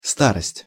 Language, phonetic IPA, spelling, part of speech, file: Russian, [ˈstarəsʲtʲ], старость, noun, Ru-старость.ogg
- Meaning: 1. old age 2. age, years (as the cause of dilapidation or decrepitude) 3. the old, the elderly